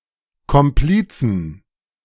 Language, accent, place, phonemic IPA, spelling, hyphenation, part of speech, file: German, Germany, Berlin, /kɔmˈpliːt͡sən/, Komplizen, Kom‧pli‧zen, noun, De-Komplizen.ogg
- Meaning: 1. genitive/dative/accusative singular of Komplize 2. plural of Komplize